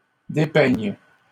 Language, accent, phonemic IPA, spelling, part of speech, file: French, Canada, /de.pɛɲ/, dépeignes, verb, LL-Q150 (fra)-dépeignes.wav
- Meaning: second-person singular present subjunctive of dépeindre